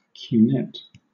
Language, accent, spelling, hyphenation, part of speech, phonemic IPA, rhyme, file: English, Southern England, cunette, cu‧nette, noun, /kjuːˈnɛt/, -ɛt, LL-Q1860 (eng)-cunette.wav
- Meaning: A trench dug in a moat to allow for drainage, or as an extra obstacle for attackers